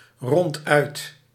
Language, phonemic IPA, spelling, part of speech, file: Dutch, /ˈrɔntœyt/, ronduit, adverb, Nl-ronduit.ogg
- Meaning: 1. frankly, clearly 2. wholly, completely